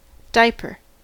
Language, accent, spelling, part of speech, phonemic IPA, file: English, US, diaper, noun / verb, /ˈdaɪ(ə).pəɹ/, En-us-diaper.ogg